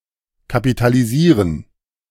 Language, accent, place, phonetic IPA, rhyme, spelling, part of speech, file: German, Germany, Berlin, [kapitaliˈziːʁən], -iːʁən, kapitalisieren, verb, De-kapitalisieren.ogg
- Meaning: to capitalize